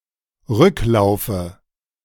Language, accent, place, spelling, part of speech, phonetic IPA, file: German, Germany, Berlin, Rücklaufe, noun, [ˈʁʏklaʊ̯fə], De-Rücklaufe.ogg
- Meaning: dative of Rücklauf